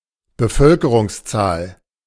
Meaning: population (number of people in a land)
- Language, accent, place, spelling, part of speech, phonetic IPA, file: German, Germany, Berlin, Bevölkerungszahl, noun, [bəˈfœlkəʁʊŋsˌt͡saːl], De-Bevölkerungszahl.ogg